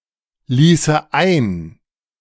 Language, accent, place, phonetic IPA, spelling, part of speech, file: German, Germany, Berlin, [ˌliːsə ˈaɪ̯n], ließe ein, verb, De-ließe ein.ogg
- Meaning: first/third-person singular subjunctive II of einlassen